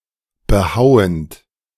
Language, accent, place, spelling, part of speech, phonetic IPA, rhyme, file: German, Germany, Berlin, behauend, verb, [bəˈhaʊ̯ənt], -aʊ̯ənt, De-behauend.ogg
- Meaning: present participle of behauen